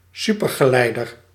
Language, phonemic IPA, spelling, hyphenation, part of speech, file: Dutch, /ˈsy.pər.ɣəˌlɛi̯.dər/, supergeleider, su‧per‧ge‧lei‧der, noun, Nl-supergeleider.ogg
- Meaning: superconductor